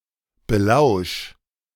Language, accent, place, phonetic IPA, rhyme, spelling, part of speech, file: German, Germany, Berlin, [bəˈlaʊ̯ʃ], -aʊ̯ʃ, belausch, verb, De-belausch.ogg
- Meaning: 1. singular imperative of belauschen 2. first-person singular present of belauschen